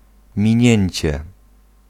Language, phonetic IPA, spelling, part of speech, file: Polish, [mʲĩˈɲɛ̇̃ɲt͡ɕɛ], minięcie, noun, Pl-minięcie.ogg